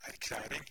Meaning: a declaration
- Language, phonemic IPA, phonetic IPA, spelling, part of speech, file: Norwegian Bokmål, /er.ˈklæː.riŋ/, [æɾ.ˈklæː.ɾɪŋ], erklæring, noun, No-erklæring.ogg